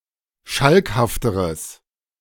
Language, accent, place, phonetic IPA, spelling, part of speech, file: German, Germany, Berlin, [ˈʃalkhaftəʁəs], schalkhafteres, adjective, De-schalkhafteres.ogg
- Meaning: strong/mixed nominative/accusative neuter singular comparative degree of schalkhaft